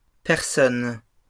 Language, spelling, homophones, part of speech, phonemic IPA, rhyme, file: French, personnes, personne, noun, /pɛʁ.sɔn/, -ɔn, LL-Q150 (fra)-personnes.wav
- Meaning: plural of personne